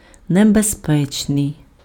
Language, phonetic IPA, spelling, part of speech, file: Ukrainian, [nebezˈpɛt͡ʃnei̯], небезпечний, adjective, Uk-небезпечний.ogg
- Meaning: dangerous